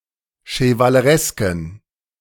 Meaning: inflection of chevaleresk: 1. strong genitive masculine/neuter singular 2. weak/mixed genitive/dative all-gender singular 3. strong/weak/mixed accusative masculine singular 4. strong dative plural
- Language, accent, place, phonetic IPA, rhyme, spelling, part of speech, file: German, Germany, Berlin, [ʃəvaləˈʁɛskn̩], -ɛskn̩, chevaleresken, adjective, De-chevaleresken.ogg